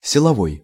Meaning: 1. strength-based 2. force 3. power (energy-producing) 4. force-based, using troops
- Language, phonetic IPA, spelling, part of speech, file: Russian, [sʲɪɫɐˈvoj], силовой, adjective, Ru-силовой.ogg